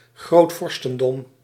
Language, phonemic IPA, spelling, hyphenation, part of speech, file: Dutch, /ˌɣroːtˈvɔr.stə(n).dɔm/, grootvorstendom, groot‧vor‧sten‧dom, noun, Nl-grootvorstendom.ogg
- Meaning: grand principality